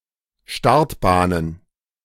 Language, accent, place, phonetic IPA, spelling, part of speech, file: German, Germany, Berlin, [ˈʃtaʁtbaːnən], Startbahnen, noun, De-Startbahnen.ogg
- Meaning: plural of Startbahn